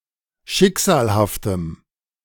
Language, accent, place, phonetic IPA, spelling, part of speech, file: German, Germany, Berlin, [ˈʃɪkz̥aːlhaftəm], schicksalhaftem, adjective, De-schicksalhaftem.ogg
- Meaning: strong dative masculine/neuter singular of schicksalhaft